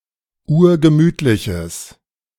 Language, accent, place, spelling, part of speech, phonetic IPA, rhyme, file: German, Germany, Berlin, urgemütliches, adjective, [ˈuːɐ̯ɡəˈmyːtlɪçəs], -yːtlɪçəs, De-urgemütliches.ogg
- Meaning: strong/mixed nominative/accusative neuter singular of urgemütlich